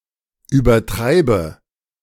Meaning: inflection of übertreiben: 1. first-person singular present 2. first/third-person singular subjunctive I 3. singular imperative
- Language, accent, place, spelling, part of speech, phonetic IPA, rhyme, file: German, Germany, Berlin, übertreibe, verb, [yːbɐˈtʁaɪ̯bə], -aɪ̯bə, De-übertreibe.ogg